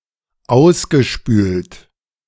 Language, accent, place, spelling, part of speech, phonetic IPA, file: German, Germany, Berlin, ausgespült, verb, [ˈaʊ̯sɡəˌʃpyːlt], De-ausgespült.ogg
- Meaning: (verb) past participle of ausspülen; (adjective) 1. rinsed 2. sluiced (out or down)